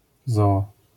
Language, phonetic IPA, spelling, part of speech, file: Polish, [ˈzɔː], zoo, noun, LL-Q809 (pol)-zoo.wav